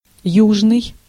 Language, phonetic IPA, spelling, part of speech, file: Russian, [ˈjuʐnɨj], южный, adjective, Ru-южный.ogg
- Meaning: 1. south, southern 2. southerly